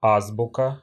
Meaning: 1. alphabet 2. ABC book, abecedary; primer 3. ABC (the rudiments of any subject)
- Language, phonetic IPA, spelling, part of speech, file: Russian, [ˈazbʊkə], азбука, noun, Ru-а́збука.ogg